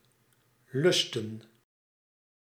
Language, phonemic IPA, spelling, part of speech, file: Dutch, /ˈlʏs.tə(n)/, lusten, noun / verb, Nl-lusten.ogg
- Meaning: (noun) plural of lust; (verb) 1. to please 2. to find tasty, appreciate food 3. to eat, have on the diet 4. (by extension) to appreciate, dig, like 5. to lust, have or indulge a craving